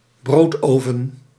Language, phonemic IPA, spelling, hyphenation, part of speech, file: Dutch, /ˈbroːtˌroː.və(n)/, broodroven, brood‧ro‧ven, verb, Nl-broodroven.ogg
- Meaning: to deny a livelihood, to make it impossible to make ends meet